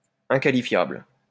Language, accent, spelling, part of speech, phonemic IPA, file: French, France, inqualifiable, adjective, /ɛ̃.ka.li.fjabl/, LL-Q150 (fra)-inqualifiable.wav
- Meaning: 1. unspeakable, despicable, objectionable 2. inappropriate, unacceptable